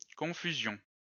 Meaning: confusion
- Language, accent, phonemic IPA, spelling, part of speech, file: French, France, /kɔ̃.fy.zjɔ̃/, confusion, noun, LL-Q150 (fra)-confusion.wav